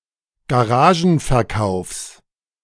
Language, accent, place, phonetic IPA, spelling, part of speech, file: German, Germany, Berlin, [ɡaˈʁaːʒn̩fɛɐ̯ˌkaʊ̯fs], Garagenverkaufs, noun, De-Garagenverkaufs.ogg
- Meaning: genitive singular of Garagenverkauf